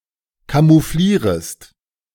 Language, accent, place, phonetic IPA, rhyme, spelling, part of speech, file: German, Germany, Berlin, [kamuˈfliːʁəst], -iːʁəst, camouflierest, verb, De-camouflierest.ogg
- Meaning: second-person singular subjunctive I of camouflieren